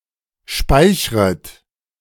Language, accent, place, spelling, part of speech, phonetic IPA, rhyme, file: German, Germany, Berlin, speichret, verb, [ˈʃpaɪ̯çʁət], -aɪ̯çʁət, De-speichret.ogg
- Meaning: second-person plural subjunctive I of speichern